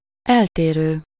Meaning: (verb) present participle of eltér; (adjective) different
- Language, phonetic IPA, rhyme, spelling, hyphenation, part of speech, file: Hungarian, [ˈɛlteːrøː], -røː, eltérő, el‧té‧rő, verb / adjective, Hu-eltérő.ogg